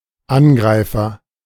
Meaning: attacker (someone who attacks), assailant
- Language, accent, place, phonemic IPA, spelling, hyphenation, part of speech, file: German, Germany, Berlin, /ˈanˌɡʁaɪ̯fɐ/, Angreifer, An‧grei‧fer, noun, De-Angreifer.ogg